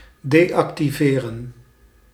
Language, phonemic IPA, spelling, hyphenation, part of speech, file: Dutch, /deːɑktiˈveːrə(n)/, deactiveren, de‧ac‧ti‧ve‧ren, verb, Nl-deactiveren.ogg
- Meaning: to deactivate